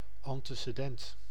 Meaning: 1. antecedent (thing that precedes; prior fact, background fact) 2. antecedent (referent of a word, esp. of a pronoun) 3. antecedent (condition part of a proposition)
- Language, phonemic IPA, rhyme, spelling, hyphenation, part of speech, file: Dutch, /ɑn.tə.səˈdɛnt/, -ɛnt, antecedent, an‧te‧ce‧dent, noun, Nl-antecedent.ogg